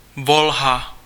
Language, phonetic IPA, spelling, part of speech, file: Czech, [ˈvolɦa], Volha, proper noun, Cs-Volha.ogg
- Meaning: Volga